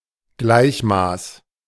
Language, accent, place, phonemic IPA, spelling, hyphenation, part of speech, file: German, Germany, Berlin, /ˈɡlaɪ̯çˌmaːs/, Gleichmaß, Gleich‧maß, noun, De-Gleichmaß.ogg
- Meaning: equal measure